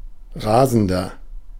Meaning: 1. comparative degree of rasend 2. inflection of rasend: strong/mixed nominative masculine singular 3. inflection of rasend: strong genitive/dative feminine singular
- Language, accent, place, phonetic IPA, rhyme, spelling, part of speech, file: German, Germany, Berlin, [ˈʁaːzn̩dɐ], -aːzn̩dɐ, rasender, adjective, De-rasender.ogg